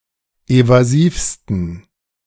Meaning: 1. superlative degree of evasiv 2. inflection of evasiv: strong genitive masculine/neuter singular superlative degree
- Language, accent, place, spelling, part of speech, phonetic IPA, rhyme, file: German, Germany, Berlin, evasivsten, adjective, [ˌevaˈziːfstn̩], -iːfstn̩, De-evasivsten.ogg